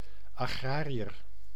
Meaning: one who works in agriculture; farmer, farmhand, agricultural labourer, etc
- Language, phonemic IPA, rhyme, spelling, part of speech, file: Dutch, /aːˈɣraː.ri.ər/, -aːriər, agrariër, noun, Nl-agrariër.ogg